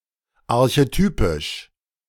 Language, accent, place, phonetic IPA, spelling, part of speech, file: German, Germany, Berlin, [aʁçeˈtyːpɪʃ], archetypisch, adjective, De-archetypisch.ogg
- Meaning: archetypal